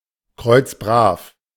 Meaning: very righteous / honest; irreproachable
- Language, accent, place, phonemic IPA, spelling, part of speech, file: German, Germany, Berlin, /ˈkʁɔʏ̯t͡sˌbʁaːf/, kreuzbrav, adjective, De-kreuzbrav.ogg